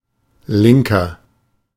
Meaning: 1. comparative degree of link 2. inflection of link: strong/mixed nominative masculine singular 3. inflection of link: strong genitive/dative feminine singular
- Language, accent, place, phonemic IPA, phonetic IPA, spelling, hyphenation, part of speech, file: German, Germany, Berlin, /ˈlɪŋkər/, [ˈlɪŋ.kɐ], linker, lin‧ker, adjective, De-linker.ogg